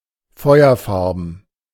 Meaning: fire-coloured; having the colour of fire; red, orange
- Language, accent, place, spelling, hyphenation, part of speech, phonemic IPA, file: German, Germany, Berlin, feuerfarben, feu‧er‧far‧ben, adjective, /ˈfɔɪ̯ɐˌfaʁbn̩/, De-feuerfarben.ogg